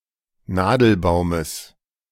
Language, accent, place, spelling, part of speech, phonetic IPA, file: German, Germany, Berlin, Nadelbaumes, noun, [ˈnaːdl̩ˌbaʊ̯məs], De-Nadelbaumes.ogg
- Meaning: genitive singular of Nadelbaum